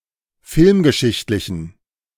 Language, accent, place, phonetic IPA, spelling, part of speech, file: German, Germany, Berlin, [ˈfɪlmɡəˌʃɪçtlɪçn̩], filmgeschichtlichen, adjective, De-filmgeschichtlichen.ogg
- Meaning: inflection of filmgeschichtlich: 1. strong genitive masculine/neuter singular 2. weak/mixed genitive/dative all-gender singular 3. strong/weak/mixed accusative masculine singular